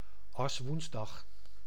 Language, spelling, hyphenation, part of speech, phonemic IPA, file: Dutch, Aswoensdag, As‧woens‧dag, noun, /ˌɑsˈʋuns.dɑx/, Nl-Aswoensdag.ogg
- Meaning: Ash Wednesday, the day of penitence which starts Lent